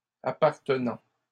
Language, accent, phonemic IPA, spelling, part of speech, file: French, Canada, /a.paʁ.tə.nɑ̃/, appartenant, verb, LL-Q150 (fra)-appartenant.wav
- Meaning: present participle of appartenir